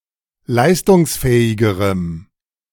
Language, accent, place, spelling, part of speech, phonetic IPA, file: German, Germany, Berlin, leistungsfähigerem, adjective, [ˈlaɪ̯stʊŋsˌfɛːɪɡəʁəm], De-leistungsfähigerem.ogg
- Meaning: strong dative masculine/neuter singular comparative degree of leistungsfähig